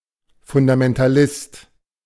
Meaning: fundamentalist
- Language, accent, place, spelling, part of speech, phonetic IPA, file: German, Germany, Berlin, Fundamentalist, noun, [fʊndamɛntaˈlɪst], De-Fundamentalist.ogg